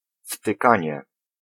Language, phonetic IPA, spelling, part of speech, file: Polish, [ftɨˈkãɲɛ], wtykanie, noun, Pl-wtykanie.ogg